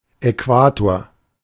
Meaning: equator
- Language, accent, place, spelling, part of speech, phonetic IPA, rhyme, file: German, Germany, Berlin, Äquator, noun, [ɛˈkvaːtoːɐ̯], -aːtoːɐ̯, De-Äquator.ogg